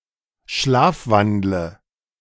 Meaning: inflection of schlafwandeln: 1. first-person singular present 2. singular imperative 3. first/third-person singular subjunctive I
- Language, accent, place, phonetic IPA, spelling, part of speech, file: German, Germany, Berlin, [ˈʃlaːfˌvandlə], schlafwandle, verb, De-schlafwandle.ogg